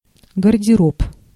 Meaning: 1. cloakroom, checkroom 2. wardrobe 3. clothes
- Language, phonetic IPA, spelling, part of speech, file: Russian, [ɡərdʲɪˈrop], гардероб, noun, Ru-гардероб.ogg